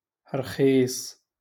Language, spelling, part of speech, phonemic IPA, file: Moroccan Arabic, رخيص, adjective, /rxiːsˤ/, LL-Q56426 (ary)-رخيص.wav
- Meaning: cheap (low in price)